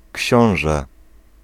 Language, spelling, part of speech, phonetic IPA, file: Polish, książę, noun, [ˈcɕɔ̃w̃ʒɛ], Pl-książę.ogg